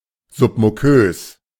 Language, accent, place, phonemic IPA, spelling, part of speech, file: German, Germany, Berlin, /ˌzʊpmuˈkøːs/, submukös, adjective, De-submukös.ogg
- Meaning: submucous